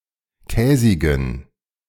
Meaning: inflection of käsig: 1. strong genitive masculine/neuter singular 2. weak/mixed genitive/dative all-gender singular 3. strong/weak/mixed accusative masculine singular 4. strong dative plural
- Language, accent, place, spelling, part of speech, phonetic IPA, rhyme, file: German, Germany, Berlin, käsigen, adjective, [ˈkɛːzɪɡn̩], -ɛːzɪɡn̩, De-käsigen.ogg